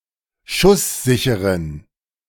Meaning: inflection of schusssicher: 1. strong genitive masculine/neuter singular 2. weak/mixed genitive/dative all-gender singular 3. strong/weak/mixed accusative masculine singular 4. strong dative plural
- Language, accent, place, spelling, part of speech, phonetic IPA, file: German, Germany, Berlin, schusssicheren, adjective, [ˈʃʊsˌzɪçəʁən], De-schusssicheren.ogg